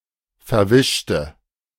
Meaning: inflection of verwischen: 1. first/third-person singular preterite 2. first/third-person singular subjunctive II
- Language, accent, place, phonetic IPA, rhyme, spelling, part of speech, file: German, Germany, Berlin, [fɛɐ̯ˈvɪʃtə], -ɪʃtə, verwischte, adjective / verb, De-verwischte.ogg